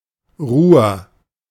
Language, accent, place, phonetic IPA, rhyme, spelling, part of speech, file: German, Germany, Berlin, [ʁuːɐ̯], -uːɐ̯, Ruhr, noun / proper noun, De-Ruhr.ogg
- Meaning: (proper noun) Ruhr (a right tributary of the Rhine, North Rhine-Westphalia, Germany); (noun) dysentery